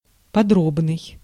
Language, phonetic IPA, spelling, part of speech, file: Russian, [pɐˈdrobnɨj], подробный, adjective, Ru-подробный.ogg
- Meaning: detailed